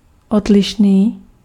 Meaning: different
- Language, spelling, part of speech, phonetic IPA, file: Czech, odlišný, adjective, [ˈodlɪʃniː], Cs-odlišný.ogg